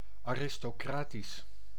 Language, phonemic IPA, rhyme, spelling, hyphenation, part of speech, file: Dutch, /aːˌrɪstoːˈkraːtis/, -aːtis, aristocratisch, aris‧to‧cra‧tisch, adjective, Nl-aristocratisch.ogg
- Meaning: aristocratic